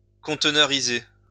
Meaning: to containerize
- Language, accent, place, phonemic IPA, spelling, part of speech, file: French, France, Lyon, /kɔ̃t.nœ.ʁi.ze/, conteneuriser, verb, LL-Q150 (fra)-conteneuriser.wav